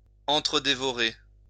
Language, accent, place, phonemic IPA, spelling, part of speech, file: French, France, Lyon, /ɑ̃.tʁə.de.vɔ.ʁe/, entre-dévorer, verb, LL-Q150 (fra)-entre-dévorer.wav
- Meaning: to devour each other